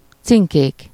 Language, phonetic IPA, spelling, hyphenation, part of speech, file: Hungarian, [ˈt͡siŋkeːk], cinkék, cin‧kék, noun, Hu-cinkék.ogg
- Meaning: nominative plural of cinke